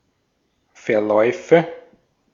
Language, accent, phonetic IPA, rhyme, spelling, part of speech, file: German, Austria, [fɛɐ̯ˈlɔɪ̯fə], -ɔɪ̯fə, Verläufe, noun, De-at-Verläufe.ogg
- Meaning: nominative/accusative/genitive plural of Verlauf